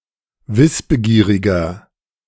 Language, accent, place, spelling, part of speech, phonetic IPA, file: German, Germany, Berlin, wissbegieriger, adjective, [ˈvɪsbəˌɡiːʁɪɡɐ], De-wissbegieriger.ogg
- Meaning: 1. comparative degree of wissbegierig 2. inflection of wissbegierig: strong/mixed nominative masculine singular 3. inflection of wissbegierig: strong genitive/dative feminine singular